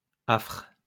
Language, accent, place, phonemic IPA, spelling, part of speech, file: French, France, Lyon, /afʁ/, affres, noun, LL-Q150 (fra)-affres.wav
- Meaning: 1. torment, torture, pain 2. throes